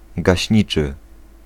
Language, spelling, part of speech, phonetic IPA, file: Polish, gaśniczy, adjective, [ɡaɕˈɲit͡ʃɨ], Pl-gaśniczy.ogg